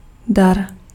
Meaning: gift, present, donation
- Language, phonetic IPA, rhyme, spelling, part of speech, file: Czech, [ˈdar], -ar, dar, noun, Cs-dar.ogg